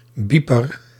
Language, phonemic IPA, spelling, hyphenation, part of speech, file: Dutch, /ˈbi.pər/, bieper, bie‧per, noun, Nl-bieper.ogg
- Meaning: 1. one that beeps 2. a beeper, a noise-signalling device